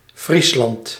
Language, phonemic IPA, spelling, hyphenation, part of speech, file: Dutch, /ˈfris.lɑnt/, Friesland, Fries‧land, proper noun, Nl-Friesland.ogg
- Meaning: 1. Friesland (a province of the Netherlands) 2. a hamlet in Montferland, Gelderland, Netherlands